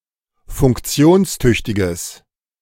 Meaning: strong/mixed nominative/accusative neuter singular of funktionstüchtig
- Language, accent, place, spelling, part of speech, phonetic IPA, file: German, Germany, Berlin, funktionstüchtiges, adjective, [fʊŋkˈt͡si̯oːnsˌtʏçtɪɡəs], De-funktionstüchtiges.ogg